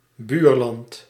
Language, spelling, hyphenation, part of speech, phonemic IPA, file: Dutch, buurland, buur‧land, noun, /ˈbyːr.lɑnt/, Nl-buurland.ogg
- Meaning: neighboring country